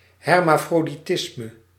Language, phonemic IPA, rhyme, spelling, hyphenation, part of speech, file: Dutch, /ˌɦɛr.maː.froː.diˈtɪs.mə/, -ɪsmə, hermafroditisme, her‧ma‧fro‧di‧tis‧me, noun, Nl-hermafroditisme.ogg
- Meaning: hermaphroditism